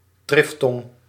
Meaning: a triphthong, monosyllabic three vowel combination, usually involving a quick but smooth movement from one vowel to another that passes over a third one
- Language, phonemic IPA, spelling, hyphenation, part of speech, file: Dutch, /ˈtrɪftɔŋ/, triftong, trif‧tong, noun, Nl-triftong.ogg